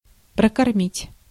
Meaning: to feed (e.g. a family)
- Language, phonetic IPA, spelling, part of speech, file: Russian, [prəkɐrˈmʲitʲ], прокормить, verb, Ru-прокормить.ogg